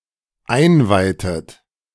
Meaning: inflection of einweihen: 1. second-person plural dependent preterite 2. second-person plural dependent subjunctive II
- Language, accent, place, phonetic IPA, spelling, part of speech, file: German, Germany, Berlin, [ˈaɪ̯nˌvaɪ̯tət], einweihtet, verb, De-einweihtet.ogg